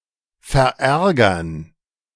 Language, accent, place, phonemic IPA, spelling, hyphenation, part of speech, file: German, Germany, Berlin, /fɛʁˈʔɛʁɡɐn/, verärgern, ver‧är‧gern, verb, De-verärgern.ogg
- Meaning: 1. to annoy, to anger, to upset 2. to antagonize